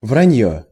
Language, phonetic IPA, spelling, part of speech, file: Russian, [vrɐˈnʲjɵ], враньё, noun, Ru-враньё.ogg
- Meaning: 1. lies, nonsense, tall tales 2. lying